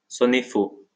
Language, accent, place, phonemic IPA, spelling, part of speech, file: French, France, Lyon, /sɔ.ne fo/, sonner faux, verb, LL-Q150 (fra)-sonner faux.wav
- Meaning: 1. to be out of tune 2. to ring false, to ring hollow, to sound hollow, to sound false